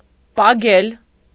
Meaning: alternative form of պագնել (pagnel)
- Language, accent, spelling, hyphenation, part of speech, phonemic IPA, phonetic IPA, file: Armenian, Eastern Armenian, պագել, պա‧գել, verb, /pɑˈkʰel/, [pɑkʰél], Hy-պագել.ogg